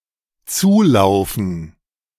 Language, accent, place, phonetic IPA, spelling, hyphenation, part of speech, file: German, Germany, Berlin, [ˈt͡suːˌlaʊ̯fn̩], zulaufen, zu‧lau‧fen, verb, De-zulaufen.ogg
- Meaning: to walk to